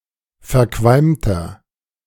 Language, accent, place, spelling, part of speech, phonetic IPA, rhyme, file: German, Germany, Berlin, verqualmter, adjective, [fɛɐ̯ˈkvalmtɐ], -almtɐ, De-verqualmter.ogg
- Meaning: 1. comparative degree of verqualmt 2. inflection of verqualmt: strong/mixed nominative masculine singular 3. inflection of verqualmt: strong genitive/dative feminine singular